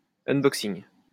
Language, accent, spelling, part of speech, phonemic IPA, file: French, France, unboxing, noun, /œn.bɔk.siŋ/, LL-Q150 (fra)-unboxing.wav
- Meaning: unboxing